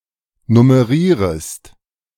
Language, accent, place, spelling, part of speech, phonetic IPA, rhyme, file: German, Germany, Berlin, nummerierest, verb, [nʊməˈʁiːʁəst], -iːʁəst, De-nummerierest.ogg
- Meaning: second-person singular subjunctive I of nummerieren